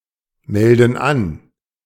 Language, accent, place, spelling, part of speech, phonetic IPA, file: German, Germany, Berlin, melden an, verb, [ˌmɛldn̩ ˈan], De-melden an.ogg
- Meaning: inflection of anmelden: 1. first/third-person plural present 2. first/third-person plural subjunctive I